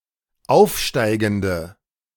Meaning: inflection of aufsteigend: 1. strong/mixed nominative/accusative feminine singular 2. strong nominative/accusative plural 3. weak nominative all-gender singular
- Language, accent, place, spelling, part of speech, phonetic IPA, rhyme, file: German, Germany, Berlin, aufsteigende, adjective, [ˈaʊ̯fˌʃtaɪ̯ɡn̩də], -aʊ̯fʃtaɪ̯ɡn̩də, De-aufsteigende.ogg